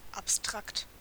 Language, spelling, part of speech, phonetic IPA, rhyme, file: German, abstrakt, adjective, [apˈstʁakt], -akt, De-abstrakt.ogg
- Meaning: abstract